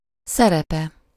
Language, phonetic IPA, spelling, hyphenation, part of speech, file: Hungarian, [ˈsɛrɛpɛ], szerepe, sze‧re‧pe, noun, Hu-szerepe.ogg
- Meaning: third-person singular single-possession possessive of szerep